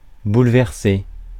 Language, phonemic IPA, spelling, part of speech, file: French, /bul.vɛʁ.se/, bouleverser, verb, Fr-bouleverser.ogg
- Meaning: 1. to completely and drastically change, to overturn 2. to shake, to cause a strong emotion 3. to disorganize, to turn upside down